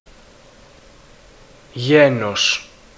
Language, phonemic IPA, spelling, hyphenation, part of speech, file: Greek, /ʝenos/, γένος, γέ‧νος, noun, Ell-Genos.ogg
- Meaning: 1. family 2. nation 3. genus 4. gender (masculine, feminine, etc) 5. maiden name, née